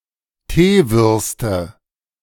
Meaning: nominative/accusative/genitive plural of Teewurst
- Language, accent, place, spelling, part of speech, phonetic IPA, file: German, Germany, Berlin, Teewürste, noun, [ˈteːˌvʏʁstə], De-Teewürste.ogg